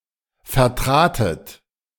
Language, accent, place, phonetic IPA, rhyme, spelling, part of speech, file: German, Germany, Berlin, [fɛɐ̯ˈtʁaːtət], -aːtət, vertratet, verb, De-vertratet.ogg
- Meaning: second-person plural preterite of vertreten